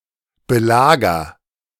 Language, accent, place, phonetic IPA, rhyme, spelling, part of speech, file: German, Germany, Berlin, [bəˈlaːɡɐ], -aːɡɐ, belager, verb, De-belager.ogg
- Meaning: inflection of belagern: 1. first-person singular present 2. singular imperative